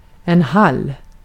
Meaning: 1. a small room just inside the front door of a residential building, where shoes and outerwear are put on or taken off and stored 2. hallway 3. lounge 4. corridor 5. entryway
- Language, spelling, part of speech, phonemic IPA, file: Swedish, hall, noun, /hal/, Sv-hall.ogg